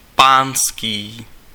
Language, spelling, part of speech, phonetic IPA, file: Czech, pánský, adjective, [ˈpaːnskiː], Cs-pánský.ogg
- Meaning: gentlemen's, male